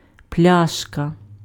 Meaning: bottle
- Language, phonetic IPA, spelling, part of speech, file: Ukrainian, [ˈplʲaʃkɐ], пляшка, noun, Uk-пляшка.ogg